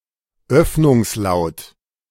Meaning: approximant
- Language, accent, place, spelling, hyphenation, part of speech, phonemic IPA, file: German, Germany, Berlin, Öffnungslaut, Öff‧nungs‧laut, noun, /ˈœfnʊŋsˌlaʊ̯t/, De-Öffnungslaut.ogg